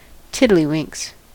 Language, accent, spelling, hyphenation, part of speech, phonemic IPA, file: English, General American, tiddlywinks, tid‧dly‧winks, noun / verb, /ˈtɪdliˌwɪŋks/, En-us-tiddlywinks.ogg